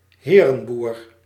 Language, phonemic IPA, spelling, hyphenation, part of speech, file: Dutch, /ˈɦeː.rə(n)ˌbur/, herenboer, he‧ren‧boer, noun, Nl-herenboer.ogg
- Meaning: farmer rich enough (with a large farm in his personal possession, as allodium) to employ others to do the work itself